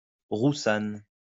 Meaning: a variety of white grape, from the valley of the Rhône, used to make white wine
- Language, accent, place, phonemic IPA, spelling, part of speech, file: French, France, Lyon, /ʁu.san/, roussanne, noun, LL-Q150 (fra)-roussanne.wav